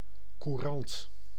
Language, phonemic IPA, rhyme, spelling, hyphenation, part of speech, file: Dutch, /kuˈrɑnt/, -ɑnt, courant, cou‧rant, adjective / noun, Nl-courant.ogg
- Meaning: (adjective) current, prevalent, standard; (noun) 1. currency 2. archaic form of krant